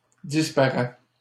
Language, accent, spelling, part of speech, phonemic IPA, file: French, Canada, disparais, verb, /dis.pa.ʁɛ/, LL-Q150 (fra)-disparais.wav
- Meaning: inflection of disparaître: 1. first/second-person singular present indicative 2. second-person singular imperative